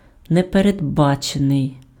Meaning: 1. unforeseen 2. unanticipated
- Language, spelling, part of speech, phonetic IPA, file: Ukrainian, непередбачений, adjective, [neperedˈbat͡ʃenei̯], Uk-непередбачений.ogg